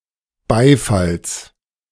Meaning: genitive singular of Beifall
- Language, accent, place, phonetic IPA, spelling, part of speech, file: German, Germany, Berlin, [ˈbaɪ̯fals], Beifalls, noun, De-Beifalls.ogg